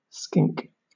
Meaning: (noun) 1. A shin of beef 2. A soup or pottage made from a boiled shin of beef 3. Usually preceded by a descriptive word: a soup or pottage made using other ingredients
- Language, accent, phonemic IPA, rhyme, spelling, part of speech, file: English, Southern England, /skɪŋk/, -ɪŋk, skink, noun / verb, LL-Q1860 (eng)-skink.wav